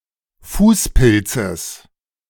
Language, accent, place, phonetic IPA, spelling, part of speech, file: German, Germany, Berlin, [ˈfuːsˌpɪlt͡səs], Fußpilzes, noun, De-Fußpilzes.ogg
- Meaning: genitive singular of Fußpilz